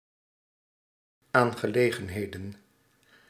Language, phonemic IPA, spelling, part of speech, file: Dutch, /ˈaŋɣəˌleɣə(n)hedə(n)/, aangelegenheden, noun, Nl-aangelegenheden.ogg
- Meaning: plural of aangelegenheid